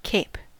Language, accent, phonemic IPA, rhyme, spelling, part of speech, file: English, US, /keɪp/, -eɪp, cape, noun / verb, En-us-cape.ogg
- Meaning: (noun) A piece or point of land, extending beyond the adjacent coast into a sea or lake; a promontory; a headland